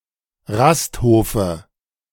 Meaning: dative of Rasthof
- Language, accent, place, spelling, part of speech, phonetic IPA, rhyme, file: German, Germany, Berlin, Rasthofe, noun, [ˈʁastˌhoːfə], -asthoːfə, De-Rasthofe.ogg